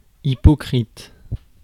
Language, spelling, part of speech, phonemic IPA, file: French, hypocrite, adjective / noun, /i.pɔ.kʁit/, Fr-hypocrite.ogg
- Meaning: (adjective) hypocritical; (noun) hypocrite